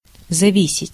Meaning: to depend (on), to rely (on)
- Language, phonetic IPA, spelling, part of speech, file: Russian, [zɐˈvʲisʲɪtʲ], зависеть, verb, Ru-зависеть.ogg